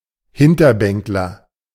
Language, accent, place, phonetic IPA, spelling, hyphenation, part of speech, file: German, Germany, Berlin, [ˈhɪntɐˌbɛŋklɐ], Hinterbänkler, Hin‧ter‧bänk‧ler, noun, De-Hinterbänkler.ogg
- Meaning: backbencher